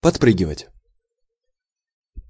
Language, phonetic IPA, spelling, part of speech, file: Russian, [pɐtˈprɨɡʲɪvətʲ], подпрыгивать, verb, Ru-подпрыгивать.ogg
- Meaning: to jump up; to bounce up and down